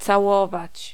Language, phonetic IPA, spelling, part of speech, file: Polish, [t͡saˈwɔvat͡ɕ], całować, verb, Pl-całować.ogg